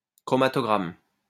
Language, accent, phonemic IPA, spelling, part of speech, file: French, France, /kʁɔ.ma.tɔ.ɡʁam/, chromatogramme, noun, LL-Q150 (fra)-chromatogramme.wav
- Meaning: chromatogram